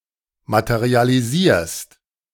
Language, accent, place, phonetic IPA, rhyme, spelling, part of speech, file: German, Germany, Berlin, [ˌmatəʁialiˈziːɐ̯st], -iːɐ̯st, materialisierst, verb, De-materialisierst.ogg
- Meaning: second-person singular present of materialisieren